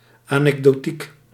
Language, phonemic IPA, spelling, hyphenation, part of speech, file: Dutch, /ˌaː.nɛk.doːˈtik/, anekdotiek, anek‧do‧tiek, noun, Nl-anekdotiek.ogg
- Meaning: anecdotics